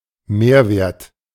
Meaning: 1. value added 2. surplus value 3. profit
- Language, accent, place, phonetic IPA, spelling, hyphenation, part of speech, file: German, Germany, Berlin, [ˈmeːɐ̯ˌveːɐ̯t], Mehrwert, Mehr‧wert, noun, De-Mehrwert.ogg